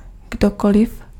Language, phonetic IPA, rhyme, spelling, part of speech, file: Czech, [ˈɡdokolɪf], -olɪf, kdokoliv, pronoun, Cs-kdokoliv.ogg
- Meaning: anyone, anybody